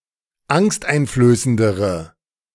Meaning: inflection of angsteinflößend: 1. strong/mixed nominative/accusative feminine singular comparative degree 2. strong nominative/accusative plural comparative degree
- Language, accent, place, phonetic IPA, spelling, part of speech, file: German, Germany, Berlin, [ˈaŋstʔaɪ̯nfløːsəndəʁə], angsteinflößendere, adjective, De-angsteinflößendere.ogg